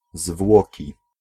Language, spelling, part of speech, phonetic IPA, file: Polish, zwłoki, noun, [ˈzvwɔci], Pl-zwłoki.ogg